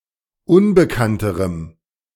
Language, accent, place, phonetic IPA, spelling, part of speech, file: German, Germany, Berlin, [ˈʊnbəkantəʁəm], unbekannterem, adjective, De-unbekannterem.ogg
- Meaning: strong dative masculine/neuter singular comparative degree of unbekannt